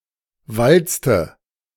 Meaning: inflection of walzen: 1. first/third-person singular preterite 2. first/third-person singular subjunctive II
- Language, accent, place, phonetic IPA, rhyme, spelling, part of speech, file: German, Germany, Berlin, [ˈvalt͡stə], -alt͡stə, walzte, verb, De-walzte.ogg